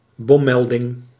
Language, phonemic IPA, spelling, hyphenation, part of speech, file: Dutch, /ˈbɔ(m)ˌmɛl.dɪŋ/, bommelding, bom‧mel‧ding, noun, Nl-bommelding.ogg
- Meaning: bomb report, bomb threat